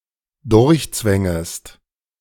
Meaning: second-person singular dependent subjunctive I of durchzwängen
- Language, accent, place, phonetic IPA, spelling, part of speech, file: German, Germany, Berlin, [ˈdʊʁçˌt͡svɛŋəst], durchzwängest, verb, De-durchzwängest.ogg